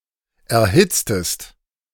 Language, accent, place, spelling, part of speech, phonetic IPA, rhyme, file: German, Germany, Berlin, erhitztest, verb, [ɛɐ̯ˈhɪt͡stəst], -ɪt͡stəst, De-erhitztest.ogg
- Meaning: inflection of erhitzen: 1. second-person singular preterite 2. second-person singular subjunctive II